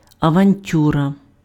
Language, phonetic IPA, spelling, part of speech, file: Ukrainian, [ɐʋɐnʲˈtʲurɐ], авантюра, noun, Uk-авантюра.ogg
- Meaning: 1. adventure 2. gamble (risky, uncertain and occasionally successful event or action)